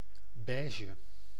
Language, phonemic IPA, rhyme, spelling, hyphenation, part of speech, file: Dutch, /ˈbɛː.ʒə/, -ɛːʒə, beige, bei‧ge, adjective, Nl-beige.ogg
- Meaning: beige